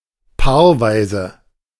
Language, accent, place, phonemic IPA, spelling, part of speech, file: German, Germany, Berlin, /ˈpaːʁˌvaɪ̯zə/, paarweise, adjective, De-paarweise.ogg
- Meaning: pairwise (occurring in pairs)